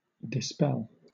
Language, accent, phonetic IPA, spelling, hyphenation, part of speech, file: English, Southern England, [dɪˈspɛɫ], dispel, di‧spel, verb / noun, LL-Q1860 (eng)-dispel.wav
- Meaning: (verb) 1. To drive away or cause to vanish by scattering 2. To remove (fears, doubts, objections etc.) by proving them unjustified 3. To get rid of or manage without